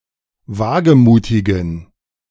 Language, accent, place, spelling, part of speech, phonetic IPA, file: German, Germany, Berlin, wagemutigen, adjective, [ˈvaːɡəˌmuːtɪɡn̩], De-wagemutigen.ogg
- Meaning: inflection of wagemutig: 1. strong genitive masculine/neuter singular 2. weak/mixed genitive/dative all-gender singular 3. strong/weak/mixed accusative masculine singular 4. strong dative plural